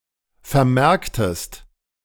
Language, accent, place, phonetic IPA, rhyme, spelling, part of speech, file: German, Germany, Berlin, [fɛɐ̯ˈmɛʁktəst], -ɛʁktəst, vermerktest, verb, De-vermerktest.ogg
- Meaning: inflection of vermerken: 1. second-person singular preterite 2. second-person singular subjunctive II